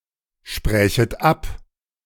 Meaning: second-person plural subjunctive I of absprechen
- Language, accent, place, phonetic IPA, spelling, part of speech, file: German, Germany, Berlin, [ˌʃpʁɛːçət ˈap], sprächet ab, verb, De-sprächet ab.ogg